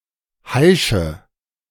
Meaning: inflection of heischen: 1. first-person singular present 2. first/third-person singular subjunctive I 3. singular imperative
- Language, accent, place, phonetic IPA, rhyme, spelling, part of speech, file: German, Germany, Berlin, [ˈhaɪ̯ʃə], -aɪ̯ʃə, heische, verb, De-heische.ogg